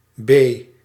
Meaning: The second letter of the Dutch alphabet, written in the Latin script
- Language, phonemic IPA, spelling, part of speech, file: Dutch, /beː/, B, character, Nl-B.ogg